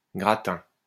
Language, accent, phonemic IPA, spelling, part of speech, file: French, France, /ɡʁa.tɛ̃/, gratin, noun, LL-Q150 (fra)-gratin.wav
- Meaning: 1. gratin 2. upper crust, elite